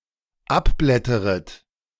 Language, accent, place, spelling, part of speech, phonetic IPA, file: German, Germany, Berlin, abblätteret, verb, [ˈapˌblɛtəʁət], De-abblätteret.ogg
- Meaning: second-person plural dependent subjunctive I of abblättern